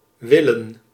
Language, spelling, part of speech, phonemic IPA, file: Dutch, willen, verb, /ˈʋɪl.ə(n)/, Nl-willen.ogg
- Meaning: 1. to want, desire 2. to want to, will, be willing to 3. to want to go somewhere (cf. English want in) 4. to wish, would like, would (as in dated English I would that)